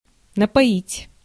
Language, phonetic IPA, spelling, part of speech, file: Russian, [nəpɐˈitʲ], напоить, verb, Ru-напоить.ogg
- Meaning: 1. to give to drink, to water 2. to make drunk 3. to suffuse